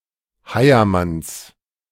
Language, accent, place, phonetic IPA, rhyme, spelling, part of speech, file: German, Germany, Berlin, [ˈhaɪ̯ɐˌmans], -aɪ̯ɐmans, Heiermanns, noun, De-Heiermanns.ogg
- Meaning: genitive of Heiermann